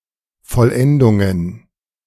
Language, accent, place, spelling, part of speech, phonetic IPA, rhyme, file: German, Germany, Berlin, Vollendungen, noun, [fɔlˈʔɛndʊŋən], -ɛndʊŋən, De-Vollendungen.ogg
- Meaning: 1. nominative plural of Vollendung 2. accusative plural of Vollendung 3. genitive plural of Vollendung